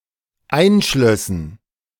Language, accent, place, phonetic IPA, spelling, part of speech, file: German, Germany, Berlin, [ˈaɪ̯nˌʃlœsn̩], einschlössen, verb, De-einschlössen.ogg
- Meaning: first/third-person plural dependent subjunctive II of einschließen